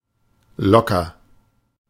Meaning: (adjective) 1. loose 2. relaxed; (adverb) 1. loosely 2. relaxedly, casually 3. easily (expressing confidence in the value or estimation); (verb) inflection of lockern: first-person singular present
- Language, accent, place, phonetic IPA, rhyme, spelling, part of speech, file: German, Germany, Berlin, [ˈlɔkɐ], -ɔkɐ, locker, adjective / verb, De-locker.ogg